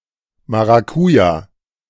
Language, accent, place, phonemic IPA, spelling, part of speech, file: German, Germany, Berlin, /maʁaˈkuːja/, Maracuja, noun, De-Maracuja.ogg
- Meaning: passion fruit (edible fruit)